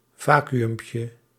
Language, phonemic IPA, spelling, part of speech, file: Dutch, /ˈvaː.ky.ʏm.pjə/, vacuümpje, noun, Nl-vacuümpje.ogg
- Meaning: diminutive of vacuüm